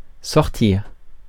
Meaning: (verb) 1. to exit, go out, come out 2. to take out, bring out 3. to have or take 4. to organise; put by sort; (noun) end, closing
- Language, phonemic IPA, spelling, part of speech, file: French, /sɔʁ.tiʁ/, sortir, verb / noun, Fr-sortir.ogg